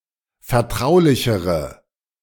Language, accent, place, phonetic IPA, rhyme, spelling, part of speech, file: German, Germany, Berlin, [fɛɐ̯ˈtʁaʊ̯lɪçəʁə], -aʊ̯lɪçəʁə, vertraulichere, adjective, De-vertraulichere.ogg
- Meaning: inflection of vertraulich: 1. strong/mixed nominative/accusative feminine singular comparative degree 2. strong nominative/accusative plural comparative degree